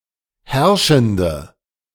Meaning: inflection of herrschend: 1. strong/mixed nominative/accusative feminine singular 2. strong nominative/accusative plural 3. weak nominative all-gender singular
- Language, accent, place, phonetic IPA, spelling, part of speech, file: German, Germany, Berlin, [ˈhɛʁʃn̩də], herrschende, adjective, De-herrschende.ogg